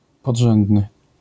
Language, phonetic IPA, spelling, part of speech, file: Polish, [pɔḍˈʒɛ̃ndnɨ], podrzędny, adjective, LL-Q809 (pol)-podrzędny.wav